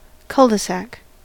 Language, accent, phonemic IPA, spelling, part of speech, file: English, US, /ˈkʌldəsæk/, cul-de-sac, noun, En-us-cul-de-sac.ogg
- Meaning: 1. A blind alley or dead end street 2. A circular area at the end of a dead end street to allow cars to turn around, designed so children can play on the street, with little or no through-traffic